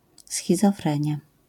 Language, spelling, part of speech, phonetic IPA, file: Polish, schizofrenia, noun, [ˌsxʲizɔˈfrɛ̃ɲja], LL-Q809 (pol)-schizofrenia.wav